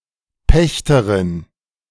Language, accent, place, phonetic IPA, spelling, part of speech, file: German, Germany, Berlin, [ˈpɛçtərɪn], Pächterin, noun, De-Pächterin.ogg
- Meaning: female equivalent of Pächter (“tenant”)